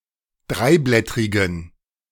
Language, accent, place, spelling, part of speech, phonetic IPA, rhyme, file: German, Germany, Berlin, dreiblättrigen, adjective, [ˈdʁaɪ̯ˌblɛtʁɪɡn̩], -aɪ̯blɛtʁɪɡn̩, De-dreiblättrigen.ogg
- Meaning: inflection of dreiblättrig: 1. strong genitive masculine/neuter singular 2. weak/mixed genitive/dative all-gender singular 3. strong/weak/mixed accusative masculine singular 4. strong dative plural